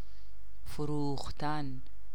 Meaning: to sell
- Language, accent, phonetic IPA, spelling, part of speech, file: Persian, Iran, [fo.ɹuːx.t̪ʰǽn], فروختن, verb, Fa-فروختن.ogg